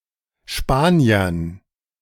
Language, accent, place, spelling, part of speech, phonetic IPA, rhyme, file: German, Germany, Berlin, Spaniern, noun, [ˈʃpaːni̯ɐn], -aːni̯ɐn, De-Spaniern.ogg
- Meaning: dative plural of Spanier